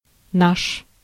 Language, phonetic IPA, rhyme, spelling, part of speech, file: Russian, [naʂ], -aʂ, наш, pronoun / noun, Ru-наш.ogg
- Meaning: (pronoun) 1. our, ours 2. referring to an ingroup, e.g. one's compatriots, relatives, or associates; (noun) the name of the letter н in the Old Russian alphabet